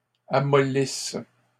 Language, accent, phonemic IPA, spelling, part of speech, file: French, Canada, /a.mɔ.lis/, amollisse, verb, LL-Q150 (fra)-amollisse.wav
- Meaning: inflection of amollir: 1. first/third-person singular present subjunctive 2. first-person singular imperfect subjunctive